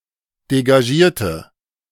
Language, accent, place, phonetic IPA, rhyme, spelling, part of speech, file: German, Germany, Berlin, [deɡaˈʒiːɐ̯tə], -iːɐ̯tə, degagierte, adjective, De-degagierte.ogg
- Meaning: inflection of degagiert: 1. strong/mixed nominative/accusative feminine singular 2. strong nominative/accusative plural 3. weak nominative all-gender singular